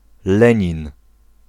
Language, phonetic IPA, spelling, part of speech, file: Polish, [ˈlɛ̃ɲĩn], Lenin, proper noun, Pl-Lenin.ogg